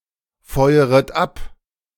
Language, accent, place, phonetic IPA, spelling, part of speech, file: German, Germany, Berlin, [ˌfɔɪ̯əʁət ˈap], feueret ab, verb, De-feueret ab.ogg
- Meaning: second-person plural subjunctive I of abfeuern